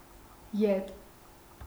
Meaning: back, backward
- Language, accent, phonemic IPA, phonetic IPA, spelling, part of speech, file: Armenian, Eastern Armenian, /jet/, [jet], ետ, adverb, Hy-ետ.ogg